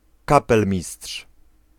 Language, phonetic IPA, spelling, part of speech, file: Polish, [kaˈpɛlmʲisṭʃ], kapelmistrz, noun, Pl-kapelmistrz.ogg